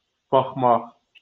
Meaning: 1. to look 2. to watch 3. to take care of 4. to be in charge of (requires dative object) 5. to depend
- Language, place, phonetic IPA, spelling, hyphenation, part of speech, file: Azerbaijani, Baku, [bɑχˈmɑχ], baxmaq, bax‧maq, verb, LL-Q9292 (aze)-baxmaq.wav